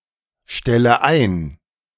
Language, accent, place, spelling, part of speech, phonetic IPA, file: German, Germany, Berlin, stelle ein, verb, [ˌʃtɛlə ˈaɪ̯n], De-stelle ein.ogg
- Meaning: inflection of einstellen: 1. first-person singular present 2. first/third-person singular subjunctive I 3. singular imperative